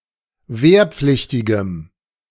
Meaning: strong dative masculine/neuter singular of wehrpflichtig
- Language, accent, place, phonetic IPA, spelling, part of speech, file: German, Germany, Berlin, [ˈveːɐ̯ˌp͡flɪçtɪɡəm], wehrpflichtigem, adjective, De-wehrpflichtigem.ogg